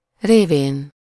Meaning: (postposition) via, by means of; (pronoun) via him/her/it, by means of him/her/it
- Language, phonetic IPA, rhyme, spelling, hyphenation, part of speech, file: Hungarian, [ˈreːveːn], -eːn, révén, ré‧vén, postposition / pronoun, Hu-révén.ogg